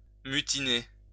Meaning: to mutiny
- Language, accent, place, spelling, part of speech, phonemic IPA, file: French, France, Lyon, mutiner, verb, /my.ti.ne/, LL-Q150 (fra)-mutiner.wav